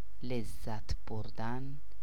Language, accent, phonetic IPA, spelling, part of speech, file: Persian, Iran, [lez.zæt̪ʰ boɹ.d̪æn], لذت بردن, verb, Fa-لذت بردن.ogg
- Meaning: to take pleasure, to enjoy